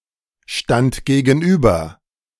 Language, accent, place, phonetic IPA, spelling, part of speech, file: German, Germany, Berlin, [ˌʃtant ɡeːɡn̩ˈʔyːbɐ], stand gegenüber, verb, De-stand gegenüber.ogg
- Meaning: first/third-person singular preterite of gegenüberstehen